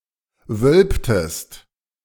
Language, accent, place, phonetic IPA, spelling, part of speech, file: German, Germany, Berlin, [ˈvœlptəst], wölbtest, verb, De-wölbtest.ogg
- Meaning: inflection of wölben: 1. second-person singular preterite 2. second-person singular subjunctive II